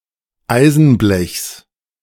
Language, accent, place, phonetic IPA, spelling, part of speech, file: German, Germany, Berlin, [ˈaɪ̯zn̩ˌblɛçs], Eisenblechs, noun, De-Eisenblechs.ogg
- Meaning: genitive singular of Eisenblech